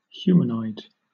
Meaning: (adjective) Having the appearance or characteristics of a human; being anthropomorphic under some criteria (physical, mental, genetical, ethological, ethical etc.)
- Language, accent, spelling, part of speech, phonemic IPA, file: English, Southern England, humanoid, adjective / noun, /ˈhjuːmənɔɪd/, LL-Q1860 (eng)-humanoid.wav